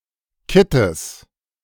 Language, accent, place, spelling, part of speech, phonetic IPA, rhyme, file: German, Germany, Berlin, Kittes, noun, [ˈkɪtəs], -ɪtəs, De-Kittes.ogg
- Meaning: genitive of Kitt